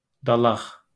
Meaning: spleen
- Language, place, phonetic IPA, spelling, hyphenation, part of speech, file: Azerbaijani, Baku, [dɑɫˈɑχ], dalaq, da‧laq, noun, LL-Q9292 (aze)-dalaq.wav